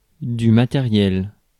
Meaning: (noun) 1. equipment, supplies 2. hardware; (adjective) material
- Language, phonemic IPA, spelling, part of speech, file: French, /ma.te.ʁjɛl/, matériel, noun / adjective, Fr-matériel.ogg